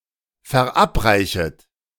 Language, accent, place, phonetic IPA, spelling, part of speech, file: German, Germany, Berlin, [fɛɐ̯ˈʔapˌʁaɪ̯çət], verabreichet, verb, De-verabreichet.ogg
- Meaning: second-person plural subjunctive I of verabreichen